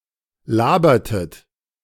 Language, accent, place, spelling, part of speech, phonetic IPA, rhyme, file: German, Germany, Berlin, labertet, verb, [ˈlaːbɐtət], -aːbɐtət, De-labertet.ogg
- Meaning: inflection of labern: 1. second-person plural preterite 2. second-person plural subjunctive II